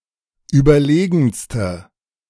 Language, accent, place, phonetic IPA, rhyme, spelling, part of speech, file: German, Germany, Berlin, [ˌyːbɐˈleːɡn̩stə], -eːɡn̩stə, überlegenste, adjective, De-überlegenste.ogg
- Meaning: inflection of überlegen: 1. strong/mixed nominative/accusative feminine singular superlative degree 2. strong nominative/accusative plural superlative degree